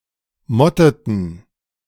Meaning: inflection of motten: 1. first/third-person plural preterite 2. first/third-person plural subjunctive II
- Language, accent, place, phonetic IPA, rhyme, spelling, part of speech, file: German, Germany, Berlin, [ˈmɔtətn̩], -ɔtətn̩, motteten, verb, De-motteten.ogg